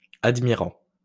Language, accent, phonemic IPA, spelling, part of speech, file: French, France, /ad.mi.ʁɑ̃/, admirant, verb, LL-Q150 (fra)-admirant.wav
- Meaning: present participle of admirer